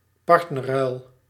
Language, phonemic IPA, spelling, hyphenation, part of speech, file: Dutch, /ˈpɑrt.nə(r)ˌrœy̯l/, partnerruil, part‧ner‧ruil, noun, Nl-partnerruil.ogg
- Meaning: partner exchange (temporarily exchanging one's sexual partner for another)